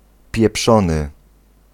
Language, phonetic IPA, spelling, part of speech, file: Polish, [pʲjɛˈpʃɔ̃nɨ], pieprzony, adjective, Pl-pieprzony.ogg